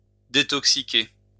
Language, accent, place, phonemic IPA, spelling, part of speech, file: French, France, Lyon, /de.tɔk.si.ke/, détoxiquer, verb, LL-Q150 (fra)-détoxiquer.wav
- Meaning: to detoxify